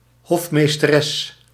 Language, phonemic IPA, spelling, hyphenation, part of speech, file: Dutch, /ˈɦɔf.meːs.təˌrɛs/, hofmeesteres, hof‧mees‧te‧res, noun, Nl-hofmeesteres.ogg
- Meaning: 1. stewardess, female attendant on a ship 2. stewardess, female flight attendant